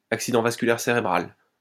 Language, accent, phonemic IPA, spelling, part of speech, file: French, France, /ak.si.dɑ̃ vas.ky.lɛʁ se.ʁe.bʁal/, accident vasculaire cérébral, noun, LL-Q150 (fra)-accident vasculaire cérébral.wav
- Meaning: cerebrovascular accident, stroke